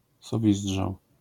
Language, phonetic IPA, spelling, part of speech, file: Polish, [sɔˈvʲizḍʒaw], sowizdrzał, noun, LL-Q809 (pol)-sowizdrzał.wav